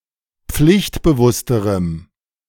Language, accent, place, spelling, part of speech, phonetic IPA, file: German, Germany, Berlin, pflichtbewussterem, adjective, [ˈp͡flɪçtbəˌvʊstəʁəm], De-pflichtbewussterem.ogg
- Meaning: strong dative masculine/neuter singular comparative degree of pflichtbewusst